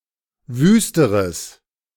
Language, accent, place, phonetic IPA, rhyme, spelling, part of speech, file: German, Germany, Berlin, [ˈvyːstəʁəs], -yːstəʁəs, wüsteres, adjective, De-wüsteres.ogg
- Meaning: strong/mixed nominative/accusative neuter singular comparative degree of wüst